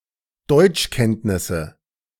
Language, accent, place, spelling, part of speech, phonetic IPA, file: German, Germany, Berlin, Deutschkenntnisse, noun, [ˈdɔɪ̯t͡ʃˌkɛntnɪsə], De-Deutschkenntnisse.ogg
- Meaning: nominative/accusative/genitive plural of Deutschkenntnis